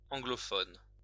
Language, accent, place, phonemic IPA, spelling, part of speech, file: French, France, Lyon, /ɑ̃.ɡlɔ.fɔn/, anglophone, adjective / noun, LL-Q150 (fra)-anglophone.wav
- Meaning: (adjective) Anglophone, English-speaking; said of a person, group, region, or the like; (noun) an anglophone, an English-speaking person